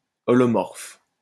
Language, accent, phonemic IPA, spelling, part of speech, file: French, France, /ɔ.lɔ.mɔʁf/, holomorphe, adjective, LL-Q150 (fra)-holomorphe.wav
- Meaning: holomorphic (of a complex function)